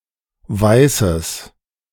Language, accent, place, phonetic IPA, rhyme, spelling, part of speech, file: German, Germany, Berlin, [ˈvaɪ̯səs], -aɪ̯səs, weißes, adjective, De-weißes.ogg
- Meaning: strong/mixed nominative/accusative neuter singular of weiß